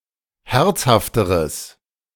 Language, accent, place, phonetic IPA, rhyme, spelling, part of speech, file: German, Germany, Berlin, [ˈhɛʁt͡shaftəʁəs], -ɛʁt͡shaftəʁəs, herzhafteres, adjective, De-herzhafteres.ogg
- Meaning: strong/mixed nominative/accusative neuter singular comparative degree of herzhaft